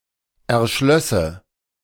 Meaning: first/third-person singular subjunctive II of erschließen
- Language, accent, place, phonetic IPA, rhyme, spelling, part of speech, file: German, Germany, Berlin, [ɛɐ̯ˈʃlœsə], -œsə, erschlösse, verb, De-erschlösse.ogg